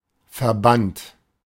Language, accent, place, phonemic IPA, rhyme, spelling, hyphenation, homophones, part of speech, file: German, Germany, Berlin, /ferˈbant/, -ant, Verband, Ver‧band, verband / verbannt, noun, De-Verband.ogg
- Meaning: 1. bandage 2. association, union (kind of organization) 3. unit 4. lattice